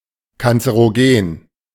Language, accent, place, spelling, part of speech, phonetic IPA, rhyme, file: German, Germany, Berlin, kanzerogen, adjective, [kant͡səʁoˈɡeːn], -eːn, De-kanzerogen.ogg
- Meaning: cancerogenic